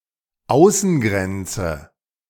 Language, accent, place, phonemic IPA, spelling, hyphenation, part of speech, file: German, Germany, Berlin, /ˈaʊ̯sn̩ˌɡʁɛnt͡sə/, Außengrenze, Au‧ßen‧gren‧ze, noun, De-Außengrenze.ogg
- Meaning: external border